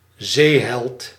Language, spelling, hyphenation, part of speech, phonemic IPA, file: Dutch, zeeheld, zee‧held, noun, /ˈzeː.ɦɛlt/, Nl-zeeheld.ogg
- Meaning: naval hero